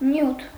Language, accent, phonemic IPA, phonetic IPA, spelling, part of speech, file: Armenian, Eastern Armenian, /njutʰ/, [njutʰ], նյութ, noun, Hy-նյութ.ogg
- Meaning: 1. matter, substance; material, stuff 2. subject-matter, topic